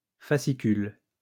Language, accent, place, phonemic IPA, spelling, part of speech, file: French, France, Lyon, /fa.si.kyl/, fascicule, noun, LL-Q150 (fra)-fascicule.wav
- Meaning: 1. installment 2. fascicle 3. bundle